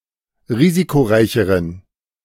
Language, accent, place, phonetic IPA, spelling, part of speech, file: German, Germany, Berlin, [ˈʁiːzikoˌʁaɪ̯çəʁən], risikoreicheren, adjective, De-risikoreicheren.ogg
- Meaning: inflection of risikoreich: 1. strong genitive masculine/neuter singular comparative degree 2. weak/mixed genitive/dative all-gender singular comparative degree